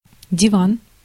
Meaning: 1. sofa, couch, divan 2. divan, diwan (the council of state in a Muslim country) 3. divan, diwan (a collection of poems)
- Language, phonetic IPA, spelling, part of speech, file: Russian, [dʲɪˈvan], диван, noun, Ru-диван.ogg